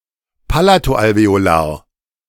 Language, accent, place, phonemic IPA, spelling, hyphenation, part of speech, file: German, Germany, Berlin, /ˈpalatoʔalveoˌlaːɐ̯/, Palato-Alveolar, Pa‧la‧to-Al‧ve‧o‧lar, noun, De-Palato-Alveolar.ogg
- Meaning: palatoalveolar